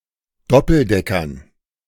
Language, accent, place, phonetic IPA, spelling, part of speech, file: German, Germany, Berlin, [ˈdɔpl̩ˌdɛkɐn], Doppeldeckern, noun, De-Doppeldeckern.ogg
- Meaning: dative plural of Doppeldecker